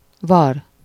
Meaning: scab (an incrustation over a sore, wound, vesicle, or pustule, formed during healing)
- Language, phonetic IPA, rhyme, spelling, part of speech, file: Hungarian, [ˈvɒr], -ɒr, var, noun, Hu-var.ogg